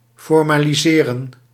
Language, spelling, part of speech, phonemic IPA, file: Dutch, formaliseren, verb, /fɔrmaːliˈzeːrə(n)/, Nl-formaliseren.ogg
- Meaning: 1. to formalize, make official 2. to give shape or form to